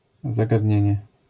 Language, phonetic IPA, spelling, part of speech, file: Polish, [ˌzaɡadʲˈɲɛ̇̃ɲɛ], zagadnienie, noun, LL-Q809 (pol)-zagadnienie.wav